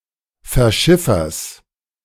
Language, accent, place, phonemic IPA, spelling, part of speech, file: German, Germany, Berlin, /fɛɐ̯ˈʃɪfɐs/, Verschiffers, noun, De-Verschiffers.ogg
- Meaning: genitive singular of Verschiffer